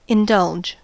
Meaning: 1. To yield to a temptation or desire 2. To satisfy the wishes or whims of 3. To give way to (a habit or temptation); to not oppose or restrain 4. To grant an extension to the deadline of a payment
- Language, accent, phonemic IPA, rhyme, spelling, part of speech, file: English, US, /ɪnˈdʌld͡ʒ/, -ʌldʒ, indulge, verb, En-us-indulge.ogg